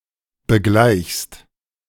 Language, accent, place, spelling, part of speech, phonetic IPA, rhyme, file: German, Germany, Berlin, begleichst, verb, [bəˈɡlaɪ̯çst], -aɪ̯çst, De-begleichst.ogg
- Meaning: second-person singular present of begleichen